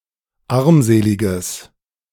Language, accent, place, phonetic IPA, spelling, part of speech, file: German, Germany, Berlin, [ˈaʁmˌzeːlɪɡəs], armseliges, adjective, De-armseliges.ogg
- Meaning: strong/mixed nominative/accusative neuter singular of armselig